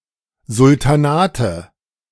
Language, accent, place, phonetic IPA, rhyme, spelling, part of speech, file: German, Germany, Berlin, [zʊltaˈnaːtə], -aːtə, Sultanate, noun, De-Sultanate.ogg
- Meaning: nominative/accusative/genitive plural of Sultanat